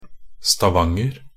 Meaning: 1. Stavanger (a city and municipality of Rogaland, Norway) 2. Stavanger (a historical county from 1662 to 1919, roughly equivalent to modern day Rogaland, Norway)
- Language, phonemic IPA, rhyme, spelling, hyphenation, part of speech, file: Norwegian Bokmål, /staˈʋaŋːər/, -ər, Stavanger, Sta‧vang‧er, proper noun, Nb-stavanger.ogg